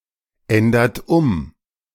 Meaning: inflection of umändern: 1. second-person plural present 2. third-person singular present 3. plural imperative
- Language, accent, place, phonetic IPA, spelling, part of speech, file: German, Germany, Berlin, [ˌɛndɐt ˈʊm], ändert um, verb, De-ändert um.ogg